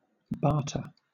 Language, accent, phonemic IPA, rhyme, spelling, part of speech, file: English, Southern England, /ˈbɑː.(ɹ)tə(ɹ)/, -ɑː(ɹ)tə(ɹ), barter, noun / verb, LL-Q1860 (eng)-barter.wav
- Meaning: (noun) 1. An exchange of goods or services without the use of money 2. The goods or services used in such an exchange; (verb) To exchange goods or services without involving money